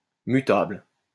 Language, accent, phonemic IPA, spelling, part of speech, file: French, France, /my.tabl/, mutable, adjective, LL-Q150 (fra)-mutable.wav
- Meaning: 1. mutable, changeable 2. mutable